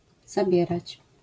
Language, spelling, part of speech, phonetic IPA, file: Polish, zabierać, verb, [zaˈbʲjɛrat͡ɕ], LL-Q809 (pol)-zabierać.wav